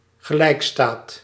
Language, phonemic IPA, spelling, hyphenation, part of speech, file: Dutch, /ɣəˈlɛi̯kˌstaːt/, gelijkstaat, ge‧lijk‧staat, noun, Nl-gelijkstaat.ogg
- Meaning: legal equality, legal emancipation